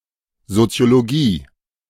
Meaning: sociology
- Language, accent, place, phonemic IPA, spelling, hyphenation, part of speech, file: German, Germany, Berlin, /zotsi̯oloˈɡiː/, Soziologie, So‧zi‧o‧lo‧gie, noun, De-Soziologie.ogg